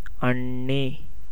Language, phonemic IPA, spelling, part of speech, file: Tamil, /ɐɳːiː/, அண்ணி, noun, Ta-அண்ணி.ogg
- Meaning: the wife of a person's elder sibling; sister-in-law